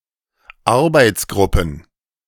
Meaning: plural of Arbeitsgruppe
- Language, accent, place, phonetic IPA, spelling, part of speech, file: German, Germany, Berlin, [ˈaʁbaɪ̯t͡sˌɡʁʊpn̩], Arbeitsgruppen, noun, De-Arbeitsgruppen.ogg